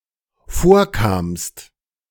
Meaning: second-person singular dependent preterite of vorkommen
- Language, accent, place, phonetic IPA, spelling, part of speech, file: German, Germany, Berlin, [ˈfoːɐ̯ˌkaːmst], vorkamst, verb, De-vorkamst.ogg